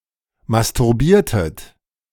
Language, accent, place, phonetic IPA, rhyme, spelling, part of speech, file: German, Germany, Berlin, [mastʊʁˈbiːɐ̯tət], -iːɐ̯tət, masturbiertet, verb, De-masturbiertet.ogg
- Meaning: inflection of masturbieren: 1. second-person plural preterite 2. second-person plural subjunctive II